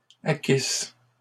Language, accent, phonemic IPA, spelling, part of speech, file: French, Canada, /a.kis/, acquissent, verb, LL-Q150 (fra)-acquissent.wav
- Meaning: third-person plural imperfect subjunctive of acquérir